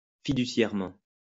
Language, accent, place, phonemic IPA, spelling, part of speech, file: French, France, Lyon, /fi.dy.sjɛʁ.mɑ̃/, fiduciairement, adverb, LL-Q150 (fra)-fiduciairement.wav
- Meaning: fiduciarily